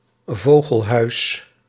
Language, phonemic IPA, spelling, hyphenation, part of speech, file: Dutch, /ˈvoː.ɣəlˌɦœy̯s/, vogelhuis, vo‧gel‧huis, noun, Nl-vogelhuis.ogg
- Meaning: birdhouse, nest box